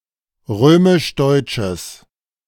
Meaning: strong/mixed nominative/accusative neuter singular of römisch-deutsch
- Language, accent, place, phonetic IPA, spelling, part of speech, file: German, Germany, Berlin, [ˈʁøːmɪʃˈdɔɪ̯t͡ʃəs], römisch-deutsches, adjective, De-römisch-deutsches.ogg